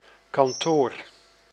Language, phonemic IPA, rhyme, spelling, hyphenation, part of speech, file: Dutch, /kɑnˈtoːr/, -oːr, kantoor, kan‧toor, noun, Nl-kantoor.ogg
- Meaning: 1. office 2. cabinet